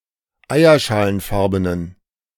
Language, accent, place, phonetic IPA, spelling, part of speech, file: German, Germany, Berlin, [ˈaɪ̯ɐʃaːlənˌfaʁbənən], eierschalenfarbenen, adjective, De-eierschalenfarbenen.ogg
- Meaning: inflection of eierschalenfarben: 1. strong genitive masculine/neuter singular 2. weak/mixed genitive/dative all-gender singular 3. strong/weak/mixed accusative masculine singular